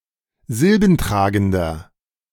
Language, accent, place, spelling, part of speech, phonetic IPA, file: German, Germany, Berlin, silbentragender, adjective, [ˈzɪlbn̩ˌtʁaːɡn̩dɐ], De-silbentragender.ogg
- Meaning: inflection of silbentragend: 1. strong/mixed nominative masculine singular 2. strong genitive/dative feminine singular 3. strong genitive plural